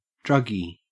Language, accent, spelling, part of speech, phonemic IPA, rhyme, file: English, Australia, druggie, noun, /ˈdɹʌɡi/, -ʌɡi, En-au-druggie.ogg
- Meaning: A drug addict or abuser